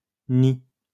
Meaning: inflection of nier: 1. first/third-person singular present indicative/subjunctive 2. second-person singular imperative
- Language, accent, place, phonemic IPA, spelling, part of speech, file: French, France, Lyon, /ni/, nie, verb, LL-Q150 (fra)-nie.wav